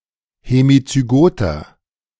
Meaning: inflection of hemizygot: 1. strong/mixed nominative masculine singular 2. strong genitive/dative feminine singular 3. strong genitive plural
- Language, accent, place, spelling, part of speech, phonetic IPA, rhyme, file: German, Germany, Berlin, hemizygoter, adjective, [hemit͡syˈɡoːtɐ], -oːtɐ, De-hemizygoter.ogg